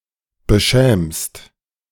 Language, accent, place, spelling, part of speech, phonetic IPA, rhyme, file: German, Germany, Berlin, beschämst, verb, [bəˈʃɛːmst], -ɛːmst, De-beschämst.ogg
- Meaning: second-person singular present of beschämen